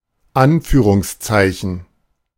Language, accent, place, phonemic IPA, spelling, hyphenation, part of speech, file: German, Germany, Berlin, /ˈanfyːʁʊŋsˌt͡saɪ̯çn̩/, Anführungszeichen, An‧füh‧rungs‧zei‧chen, noun, De-Anführungszeichen.ogg
- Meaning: quotation mark („◌“ or »◌«)